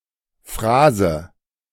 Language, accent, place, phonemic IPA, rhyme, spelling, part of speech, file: German, Germany, Berlin, /ˈfʁaːzə/, -aːzə, Phrase, noun, De-Phrase.ogg
- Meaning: 1. phrase 2. a hackneyed or inane expression